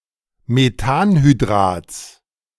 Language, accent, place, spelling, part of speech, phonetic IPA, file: German, Germany, Berlin, Methanhydrats, noun, [meˈtaːnhyˌdʁaːt͡s], De-Methanhydrats.ogg
- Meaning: genitive singular of Methanhydrat